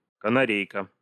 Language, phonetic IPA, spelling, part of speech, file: Russian, [kənɐˈrʲejkə], канарейка, noun, Ru-канарейка.ogg
- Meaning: canary